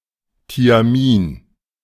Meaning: thiamine
- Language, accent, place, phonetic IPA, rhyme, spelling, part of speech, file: German, Germany, Berlin, [tiaˈmiːn], -iːn, Thiamin, noun, De-Thiamin.ogg